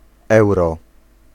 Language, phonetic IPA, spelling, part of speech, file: Polish, [ˈɛwrɔ], euro, noun, Pl-euro.ogg